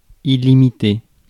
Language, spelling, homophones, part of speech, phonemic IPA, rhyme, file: French, illimité, illimitée / illimitées / illimités, adjective, /i.li.mi.te/, -e, Fr-illimité.ogg
- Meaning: 1. limitless; infinite; unlimited 2. indefinite (without a defined ending time/date)